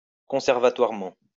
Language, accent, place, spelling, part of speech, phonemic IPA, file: French, France, Lyon, conservatoirement, adverb, /kɔ̃.sɛʁ.va.twaʁ.mɑ̃/, LL-Q150 (fra)-conservatoirement.wav
- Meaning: conservatively